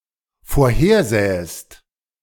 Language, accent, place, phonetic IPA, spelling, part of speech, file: German, Germany, Berlin, [foːɐ̯ˈheːɐ̯ˌzɛːəst], vorhersähest, verb, De-vorhersähest.ogg
- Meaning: second-person singular dependent subjunctive II of vorhersehen